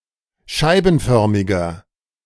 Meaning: inflection of scheibenförmig: 1. strong/mixed nominative masculine singular 2. strong genitive/dative feminine singular 3. strong genitive plural
- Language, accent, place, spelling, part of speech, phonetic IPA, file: German, Germany, Berlin, scheibenförmiger, adjective, [ˈʃaɪ̯bn̩ˌfœʁmɪɡɐ], De-scheibenförmiger.ogg